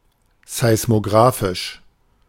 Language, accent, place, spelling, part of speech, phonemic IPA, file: German, Germany, Berlin, seismographisch, adjective, /zaɪ̯smoˈɡʁaːfɪʃ/, De-seismographisch.ogg
- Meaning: seismographic